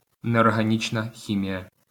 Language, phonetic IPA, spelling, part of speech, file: Ukrainian, [neɔrɦɐˈnʲit͡ʃnɐ ˈxʲimʲijɐ], неорганічна хімія, noun, LL-Q8798 (ukr)-неорганічна хімія.wav
- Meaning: inorganic chemistry